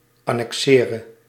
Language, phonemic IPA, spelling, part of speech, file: Dutch, /ˌɑnɛkˈsɪːrə/, annexere, verb, Nl-annexere.ogg
- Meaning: singular present subjunctive of annexeren